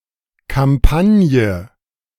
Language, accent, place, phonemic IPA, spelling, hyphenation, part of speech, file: German, Germany, Berlin, /kamˈpanjə/, Kampagne, Kam‧pa‧g‧ne, noun, De-Kampagne.ogg
- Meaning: campaign